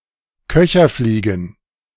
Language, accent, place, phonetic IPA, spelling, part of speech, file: German, Germany, Berlin, [ˈkœçɐˌfliːɡn̩], Köcherfliegen, noun, De-Köcherfliegen.ogg
- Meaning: plural of Köcherfliege